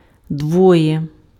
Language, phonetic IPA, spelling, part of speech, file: Ukrainian, [ˈdwɔje], двоє, numeral, Uk-двоє.ogg
- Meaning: two